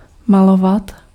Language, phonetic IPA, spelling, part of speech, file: Czech, [ˈmalovat], malovat, verb, Cs-malovat.ogg
- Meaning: 1. to paint (a picture) 2. to put on make-up 3. to paint (a wall, a room)(apply a coat of paint)